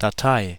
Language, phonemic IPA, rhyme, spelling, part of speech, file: German, /daˈtaɪ̯/, -aɪ̯, Datei, noun, De-Datei.ogg
- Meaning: 1. file 2. file, register